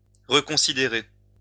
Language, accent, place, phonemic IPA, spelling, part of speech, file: French, France, Lyon, /ʁə.kɔ̃.si.de.ʁe/, reconsidérer, verb, LL-Q150 (fra)-reconsidérer.wav
- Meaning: to reconsider